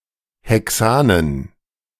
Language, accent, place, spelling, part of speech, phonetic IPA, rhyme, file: German, Germany, Berlin, Hexanen, noun, [ˌhɛˈksaːnən], -aːnən, De-Hexanen.ogg
- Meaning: dative plural of Hexan